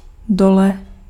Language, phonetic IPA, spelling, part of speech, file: Czech, [ˈdolɛ], dole, adverb / noun, Cs-dole.ogg
- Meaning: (adverb) down (at a lower place or position); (noun) vocative/locative singular of důl